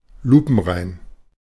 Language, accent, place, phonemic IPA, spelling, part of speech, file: German, Germany, Berlin, /ˈluːpn̩ˌʁaɪ̯n/, lupenrein, adjective, De-lupenrein.ogg
- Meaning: 1. flawless, perfect, immaculate 2. spotless, unblemished, especially morally or legally